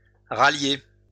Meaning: 1. to rally (group or bring together) 2. to rally (motivate) 3. to bring round (convince, cause someone to have the same opinion) 4. to catch up with (reach)
- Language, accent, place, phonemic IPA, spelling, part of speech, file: French, France, Lyon, /ʁa.lje/, rallier, verb, LL-Q150 (fra)-rallier.wav